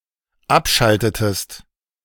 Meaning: inflection of abschalten: 1. second-person singular dependent preterite 2. second-person singular dependent subjunctive II
- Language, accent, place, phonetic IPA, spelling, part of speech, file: German, Germany, Berlin, [ˈapˌʃaltətəst], abschaltetest, verb, De-abschaltetest.ogg